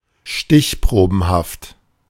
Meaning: random
- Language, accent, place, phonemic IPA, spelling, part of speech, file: German, Germany, Berlin, /ˈʃtɪçˌpʁoːbn̩haft/, stichprobenhaft, adjective, De-stichprobenhaft.ogg